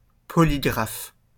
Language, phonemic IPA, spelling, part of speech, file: French, /pɔ.li.ɡʁaf/, polygraphe, noun, LL-Q150 (fra)-polygraphe.wav
- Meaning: 1. polygraph (device to discern if a subject is lying) 2. polygraph (all other senses referring to objects) 3. polygraph (author who writes on multiple subjects)